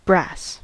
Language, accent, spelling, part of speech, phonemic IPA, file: English, US, brass, noun / adjective / verb, /bɹæs/, En-us-brass.ogg
- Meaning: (noun) A metallic alloy of copper and zinc used in many industrial and plumbing applications.: A memorial or sepulchral tablet usually made of brass or latten: a monumental brass